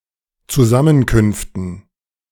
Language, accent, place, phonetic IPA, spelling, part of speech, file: German, Germany, Berlin, [t͡suˈzamənkʏnftn̩], Zusammenkünften, noun, De-Zusammenkünften.ogg
- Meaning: dative plural of Zusammenkunft